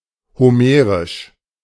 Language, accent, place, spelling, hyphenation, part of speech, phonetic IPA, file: German, Germany, Berlin, homerisch, ho‧me‧risch, adjective, [hoˈmeːʁɪʃ], De-homerisch.ogg
- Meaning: Homeric